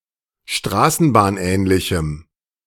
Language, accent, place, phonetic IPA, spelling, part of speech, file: German, Germany, Berlin, [ˈʃtʁaːsn̩baːnˌʔɛːnlɪçm̩], straßenbahnähnlichem, adjective, De-straßenbahnähnlichem.ogg
- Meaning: strong dative masculine/neuter singular of straßenbahnähnlich